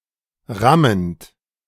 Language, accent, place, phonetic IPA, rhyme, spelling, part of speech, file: German, Germany, Berlin, [ˈʁamənt], -amənt, rammend, verb, De-rammend.ogg
- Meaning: present participle of rammen